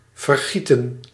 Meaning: 1. to spill, to shed 2. to drain, to pour over 3. to make liquid, to liquidise
- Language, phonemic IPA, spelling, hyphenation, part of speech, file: Dutch, /vərˈɣi.tə(n)/, vergieten, ver‧gie‧ten, verb, Nl-vergieten.ogg